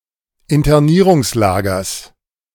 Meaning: genitive singular of Internierungslager
- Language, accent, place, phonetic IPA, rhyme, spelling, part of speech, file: German, Germany, Berlin, [ɪntɐˈniːʁʊŋsˌlaːɡɐs], -iːʁʊŋslaːɡɐs, Internierungslagers, noun, De-Internierungslagers.ogg